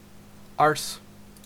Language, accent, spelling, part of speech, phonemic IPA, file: English, Canada, arse, noun / verb / interjection, /ɑɹs/, En-ca-arse.ogg
- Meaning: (noun) 1. A person's buttocks; the bottom, the backside. Also: the anus; the rectum 2. A stupid, pompous, arrogant, mean or despicable person 3. Used in similes to express something bad or unpleasant